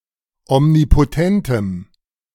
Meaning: strong dative masculine/neuter singular of omnipotent
- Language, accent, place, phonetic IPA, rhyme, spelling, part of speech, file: German, Germany, Berlin, [ɔmnipoˈtɛntəm], -ɛntəm, omnipotentem, adjective, De-omnipotentem.ogg